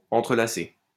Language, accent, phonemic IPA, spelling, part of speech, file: French, France, /ɑ̃.tʁə.la.se/, entrelacé, verb, LL-Q150 (fra)-entrelacé.wav
- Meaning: past participle of entrelacer